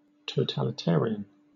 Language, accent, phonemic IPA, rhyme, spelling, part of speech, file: English, Southern England, /ˌtəʊtalɪˈtɛəɹiən/, -ɛəɹiən, totalitarian, adjective / noun, LL-Q1860 (eng)-totalitarian.wav